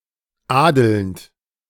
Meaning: present participle of adeln
- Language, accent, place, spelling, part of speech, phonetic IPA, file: German, Germany, Berlin, adelnd, verb, [ˈaːdəlnt], De-adelnd.ogg